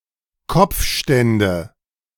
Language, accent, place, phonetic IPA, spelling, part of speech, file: German, Germany, Berlin, [ˈkɔp͡fˌʃtɛndə], Kopfstände, noun, De-Kopfstände.ogg
- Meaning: nominative/accusative/genitive plural of Kopfstand